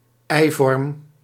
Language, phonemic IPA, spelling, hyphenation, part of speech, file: Dutch, /ˈɛi̯.vɔrm/, eivorm, ei‧vorm, noun, Nl-eivorm.ogg
- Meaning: ovoid